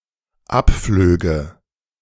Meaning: first/third-person singular dependent subjunctive II of abfliegen
- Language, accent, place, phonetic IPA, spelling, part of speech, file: German, Germany, Berlin, [ˈapˌfløːɡə], abflöge, verb, De-abflöge.ogg